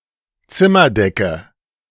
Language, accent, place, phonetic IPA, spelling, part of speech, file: German, Germany, Berlin, [ˈt͡sɪmɐˌdɛkə], Zimmerdecke, noun, De-Zimmerdecke.ogg
- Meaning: ceiling of a room